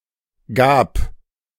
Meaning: first/third-person singular preterite of geben
- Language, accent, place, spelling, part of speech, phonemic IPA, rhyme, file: German, Germany, Berlin, gab, verb, /ɡaːp/, -aːp, De-gab.ogg